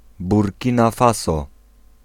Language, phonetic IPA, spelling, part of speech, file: Polish, [burʲˈcĩna ˈfasɔ], Burkina Faso, proper noun, Pl-Burkina Faso.ogg